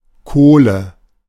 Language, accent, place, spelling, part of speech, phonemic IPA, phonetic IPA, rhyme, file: German, Germany, Berlin, Kohle, noun, /ˈkoːlə/, [ˈkʰoːlə], -oːlə, De-Kohle.ogg
- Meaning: 1. coal (material; either stone coal or charcoal) 2. a coal; a piece of coal 3. money; dough; dosh 4. nominative/accusative/genitive plural of Kohl (“cabbage”)